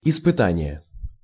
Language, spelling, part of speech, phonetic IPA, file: Russian, испытание, noun, [ɪspɨˈtanʲɪje], Ru-испытание.ogg
- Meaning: 1. trial, test 2. examination 3. ordeal, trials and tribulations